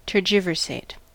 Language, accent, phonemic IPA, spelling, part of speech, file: English, US, /tɝˈd͡ʒɪvɝseɪt/, tergiversate, verb, En-us-tergiversate.ogg
- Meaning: 1. To evade, to equivocate using subterfuge; to obfuscate in a deliberate manner 2. To change sides or affiliation; to apostatize 3. To flee by turning one's back